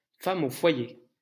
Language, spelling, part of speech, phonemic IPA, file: French, femme au foyer, noun, /fa.m‿o fwa.je/, LL-Q150 (fra)-femme au foyer.wav
- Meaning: female equivalent of homme au foyer: housewife (female head of household)